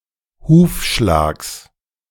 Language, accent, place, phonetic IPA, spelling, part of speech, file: German, Germany, Berlin, [ˈhuːfˌʃlaːks], Hufschlags, noun, De-Hufschlags.ogg
- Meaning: genitive singular of Hufschlag